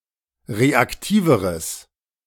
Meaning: strong/mixed nominative/accusative neuter singular comparative degree of reaktiv
- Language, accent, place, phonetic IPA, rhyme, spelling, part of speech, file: German, Germany, Berlin, [ˌʁeakˈtiːvəʁəs], -iːvəʁəs, reaktiveres, adjective, De-reaktiveres.ogg